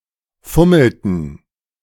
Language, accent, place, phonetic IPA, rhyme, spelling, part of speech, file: German, Germany, Berlin, [ˈfʊml̩tn̩], -ʊml̩tn̩, fummelten, verb, De-fummelten.ogg
- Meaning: inflection of fummeln: 1. first/third-person plural preterite 2. first/third-person plural subjunctive II